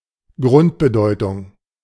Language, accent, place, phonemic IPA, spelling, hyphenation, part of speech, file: German, Germany, Berlin, /ˈɡʁʊntbəˌdɔɪ̯tʊŋ/, Grundbedeutung, Grund‧be‧deu‧tung, noun, De-Grundbedeutung.ogg
- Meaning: basic meaning